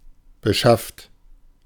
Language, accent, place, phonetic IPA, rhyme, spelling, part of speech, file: German, Germany, Berlin, [bəˈʃaft], -aft, beschafft, verb, De-beschafft.ogg
- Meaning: 1. inflection of beschaffen: second-person plural present 2. inflection of beschaffen: third-person singular present 3. inflection of beschaffen: plural imperative 4. past participle of beschaffen